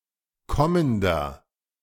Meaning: inflection of kommend: 1. strong/mixed nominative masculine singular 2. strong genitive/dative feminine singular 3. strong genitive plural
- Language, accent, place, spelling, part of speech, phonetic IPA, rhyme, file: German, Germany, Berlin, kommender, adjective, [ˈkɔməndɐ], -ɔməndɐ, De-kommender.ogg